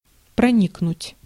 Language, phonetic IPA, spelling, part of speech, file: Russian, [prɐˈnʲiknʊtʲ], проникнуть, verb, Ru-проникнуть.ogg
- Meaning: 1. to penetrate 2. to permeate 3. to infiltrate 4. to perforate